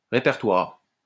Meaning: 1. repertoire 2. inventory, stock 3. directory 4. catalogue (a complete list of a recording artist's or a composer's songs)
- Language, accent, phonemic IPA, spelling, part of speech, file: French, France, /ʁe.pɛʁ.twaʁ/, répertoire, noun, LL-Q150 (fra)-répertoire.wav